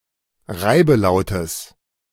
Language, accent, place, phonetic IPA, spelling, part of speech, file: German, Germany, Berlin, [ˈʁaɪ̯bəˌlaʊ̯təs], Reibelautes, noun, De-Reibelautes.ogg
- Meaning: genitive singular of Reibelaut